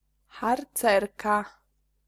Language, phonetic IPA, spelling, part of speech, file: Polish, [xarˈt͡sɛrka], harcerka, noun, Pl-harcerka.ogg